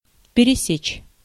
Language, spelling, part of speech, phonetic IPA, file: Russian, пересечь, verb, [pʲɪrʲɪˈsʲet͡ɕ], Ru-пересечь.ogg
- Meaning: 1. to intersect 2. to pierce into objects that are arranged in a line 3. to move across in a transverse direction 4. to move through any space vigorously 5. to divide into many parts